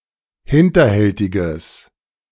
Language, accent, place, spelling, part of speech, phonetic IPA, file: German, Germany, Berlin, hinterhältiges, adjective, [ˈhɪntɐˌhɛltɪɡəs], De-hinterhältiges.ogg
- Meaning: strong/mixed nominative/accusative neuter singular of hinterhältig